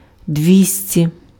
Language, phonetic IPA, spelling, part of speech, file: Ukrainian, [ˈdʲʋʲisʲtʲi], двісті, numeral, Uk-двісті.ogg
- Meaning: two hundred